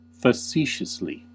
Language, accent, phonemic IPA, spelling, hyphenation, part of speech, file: English, US, /fəˈsiːʃəsli/, facetiously, fa‧ce‧tious‧ly, adverb, En-us-facetiously.ogg
- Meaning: 1. In a facetious or flippant manner; in a manner that treats serious issues with deliberately inappropriate humor 2. In a pleasantly humorous or playful fashion